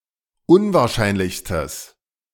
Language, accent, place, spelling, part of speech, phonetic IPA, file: German, Germany, Berlin, unwahrscheinlichstes, adjective, [ˈʊnvaːɐ̯ˌʃaɪ̯nlɪçstəs], De-unwahrscheinlichstes.ogg
- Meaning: strong/mixed nominative/accusative neuter singular superlative degree of unwahrscheinlich